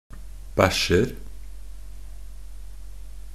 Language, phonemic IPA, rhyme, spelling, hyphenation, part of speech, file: Norwegian Bokmål, /ˈbæʃːər/, -ər, bæsjer, bæsj‧er, noun / verb, Nb-bæsjer.ogg
- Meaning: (noun) indefinite plural of bæsj; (verb) present of bæsje